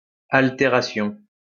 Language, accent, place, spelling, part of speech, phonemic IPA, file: French, France, Lyon, altération, noun, /al.te.ʁa.sjɔ̃/, LL-Q150 (fra)-altération.wav
- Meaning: alteration